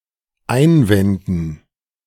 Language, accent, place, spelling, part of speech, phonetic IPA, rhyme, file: German, Germany, Berlin, Einwänden, noun, [ˈaɪ̯nˌvɛndn̩], -aɪ̯nvɛndn̩, De-Einwänden.ogg
- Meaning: dative plural of Einwand